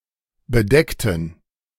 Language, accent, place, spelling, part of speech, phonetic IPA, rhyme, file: German, Germany, Berlin, bedeckten, verb, [bəˈdɛktn̩], -ɛktn̩, De-bedeckten.ogg
- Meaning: inflection of bedeckt: 1. strong genitive masculine/neuter singular 2. weak/mixed genitive/dative all-gender singular 3. strong/weak/mixed accusative masculine singular 4. strong dative plural